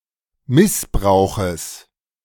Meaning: genitive of Missbrauch
- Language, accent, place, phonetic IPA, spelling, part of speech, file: German, Germany, Berlin, [ˈmɪsˌbʁaʊ̯xəs], Missbrauches, noun, De-Missbrauches.ogg